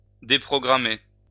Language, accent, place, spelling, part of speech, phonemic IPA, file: French, France, Lyon, déprogrammer, verb, /de.pʁɔ.ɡʁa.me/, LL-Q150 (fra)-déprogrammer.wav
- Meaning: to pull (off the air)